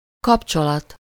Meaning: link, connection, relationship
- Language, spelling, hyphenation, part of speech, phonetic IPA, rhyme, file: Hungarian, kapcsolat, kap‧cso‧lat, noun, [ˈkɒpt͡ʃolɒt], -ɒt, Hu-kapcsolat.ogg